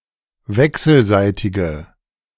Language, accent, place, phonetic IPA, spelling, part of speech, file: German, Germany, Berlin, [ˈvɛksl̩ˌzaɪ̯tɪɡə], wechselseitige, adjective, De-wechselseitige.ogg
- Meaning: inflection of wechselseitig: 1. strong/mixed nominative/accusative feminine singular 2. strong nominative/accusative plural 3. weak nominative all-gender singular